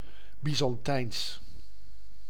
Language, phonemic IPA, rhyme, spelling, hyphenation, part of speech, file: Dutch, /ˌbi.zɑnˈtɛi̯ns/, -ɛi̯ns, Byzantijns, By‧zan‧tijns, adjective, Nl-Byzantijns.ogg
- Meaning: a Byzantine person